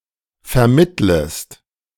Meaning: second-person singular subjunctive I of vermitteln
- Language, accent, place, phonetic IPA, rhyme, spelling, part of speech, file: German, Germany, Berlin, [fɛɐ̯ˈmɪtləst], -ɪtləst, vermittlest, verb, De-vermittlest.ogg